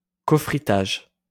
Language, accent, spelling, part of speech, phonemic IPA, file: French, France, cofrittage, noun, /kɔ.fʁi.taʒ/, LL-Q150 (fra)-cofrittage.wav
- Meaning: cofiring (sintering)